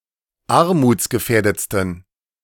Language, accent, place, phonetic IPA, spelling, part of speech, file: German, Germany, Berlin, [ˈaʁmuːt͡sɡəˌfɛːɐ̯dət͡stn̩], armutsgefährdetsten, adjective, De-armutsgefährdetsten.ogg
- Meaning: 1. superlative degree of armutsgefährdet 2. inflection of armutsgefährdet: strong genitive masculine/neuter singular superlative degree